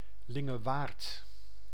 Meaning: Lingewaard (a municipality of Gelderland, Netherlands)
- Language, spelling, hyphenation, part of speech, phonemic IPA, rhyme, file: Dutch, Lingewaard, Lin‧ge‧waard, proper noun, /ˈlɪ.ŋəˌʋaːrt/, -aːrt, Nl-Lingewaard.ogg